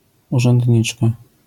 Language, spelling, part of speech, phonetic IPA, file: Polish, urzędniczka, noun, [ˌuʒɛ̃ndʲˈɲit͡ʃka], LL-Q809 (pol)-urzędniczka.wav